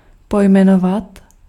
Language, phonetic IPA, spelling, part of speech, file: Czech, [ˈpojmɛnovat], pojmenovat, verb, Cs-pojmenovat.ogg
- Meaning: to name (to give a name to)